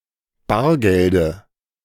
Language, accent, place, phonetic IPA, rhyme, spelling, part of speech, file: German, Germany, Berlin, [ˈbaːɐ̯ɡɛldə], -aːɐ̯ɡɛldə, Bargelde, noun, De-Bargelde.ogg
- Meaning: dative singular of Bargeld